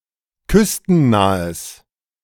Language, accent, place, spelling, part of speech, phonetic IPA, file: German, Germany, Berlin, küstennahes, adjective, [ˈkʏstn̩ˌnaːəs], De-küstennahes.ogg
- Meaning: strong/mixed nominative/accusative neuter singular of küstennah